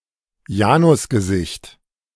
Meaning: Janus face (as symbol of ambiguity or contradiction)
- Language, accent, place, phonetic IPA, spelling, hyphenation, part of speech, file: German, Germany, Berlin, [ˈjaːnʊsɡəˌzɪçt], Janusgesicht, Ja‧nus‧ge‧sicht, noun, De-Janusgesicht.ogg